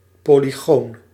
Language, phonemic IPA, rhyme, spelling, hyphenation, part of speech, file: Dutch, /ˌpoː.liˈɣoːn/, -oːn, polygoon, po‧ly‧goon, noun, Nl-polygoon.ogg
- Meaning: polygon